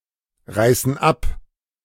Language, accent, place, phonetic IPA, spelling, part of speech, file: German, Germany, Berlin, [ˌʁaɪ̯sn̩ ˈap], reißen ab, verb, De-reißen ab.ogg
- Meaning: inflection of abreißen: 1. first/third-person plural present 2. first/third-person plural subjunctive I